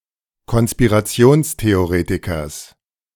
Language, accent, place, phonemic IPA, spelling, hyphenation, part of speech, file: German, Germany, Berlin, /kɔn.spi.ʁaˈt͡si̯oːns.te.oˌʁeː.ti.kɐs/, Konspirationstheoretikers, Kon‧spi‧ra‧ti‧ons‧the‧o‧re‧ti‧kers, noun, De-Konspirationstheoretikers.ogg
- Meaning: genitive singular of Konspirationstheoretiker